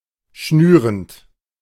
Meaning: present participle of schnüren
- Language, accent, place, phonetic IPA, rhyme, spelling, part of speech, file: German, Germany, Berlin, [ˈʃnyːʁənt], -yːʁənt, schnürend, verb, De-schnürend.ogg